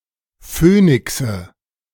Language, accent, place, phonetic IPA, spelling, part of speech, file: German, Germany, Berlin, [ˈføːnɪksə], Phönixe, noun, De-Phönixe.ogg
- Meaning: nominative/accusative/genitive plural of Phönix